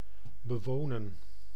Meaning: to live in, to inhabit
- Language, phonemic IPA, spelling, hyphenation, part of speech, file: Dutch, /bəˈʋoːnə(n)/, bewonen, be‧wo‧nen, verb, Nl-bewonen.ogg